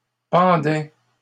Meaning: first/second-person singular imperfect indicative of pendre
- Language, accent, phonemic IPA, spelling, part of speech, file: French, Canada, /pɑ̃.dɛ/, pendais, verb, LL-Q150 (fra)-pendais.wav